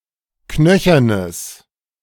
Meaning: strong/mixed nominative/accusative neuter singular of knöchern
- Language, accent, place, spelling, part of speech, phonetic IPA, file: German, Germany, Berlin, knöchernes, adjective, [ˈknœçɐnəs], De-knöchernes.ogg